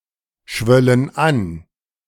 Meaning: first/third-person plural subjunctive II of anschwellen
- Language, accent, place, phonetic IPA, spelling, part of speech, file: German, Germany, Berlin, [ˌʃvœlən ˈan], schwöllen an, verb, De-schwöllen an.ogg